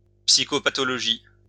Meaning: psychopathology
- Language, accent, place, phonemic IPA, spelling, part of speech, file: French, France, Lyon, /psi.kɔ.pa.tɔ.lɔ.ʒi/, psychopathologie, noun, LL-Q150 (fra)-psychopathologie.wav